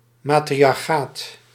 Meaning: matriarchy
- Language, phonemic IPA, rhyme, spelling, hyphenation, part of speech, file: Dutch, /ˌmaː.tri.ɑrˈxaːt/, -aːt, matriarchaat, ma‧tri‧ar‧chaat, noun, Nl-matriarchaat.ogg